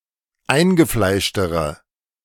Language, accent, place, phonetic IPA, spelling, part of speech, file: German, Germany, Berlin, [ˈaɪ̯nɡəˌflaɪ̯ʃtəʁə], eingefleischtere, adjective, De-eingefleischtere.ogg
- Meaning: inflection of eingefleischt: 1. strong/mixed nominative/accusative feminine singular comparative degree 2. strong nominative/accusative plural comparative degree